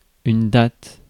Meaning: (noun) date (point in time); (verb) inflection of dater: 1. first/third-person singular present indicative/subjunctive 2. second-person singular imperative
- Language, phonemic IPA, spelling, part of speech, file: French, /dat/, date, noun / verb, Fr-date.ogg